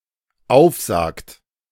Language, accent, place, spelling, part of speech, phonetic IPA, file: German, Germany, Berlin, aufsagt, verb, [ˈaʊ̯fˌzaːkt], De-aufsagt.ogg
- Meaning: inflection of aufsagen: 1. third-person singular dependent present 2. second-person plural dependent present